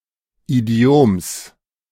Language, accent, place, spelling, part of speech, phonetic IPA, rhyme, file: German, Germany, Berlin, Idioms, noun, [iˈdi̯oːms], -oːms, De-Idioms.ogg
- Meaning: genitive singular of Idiom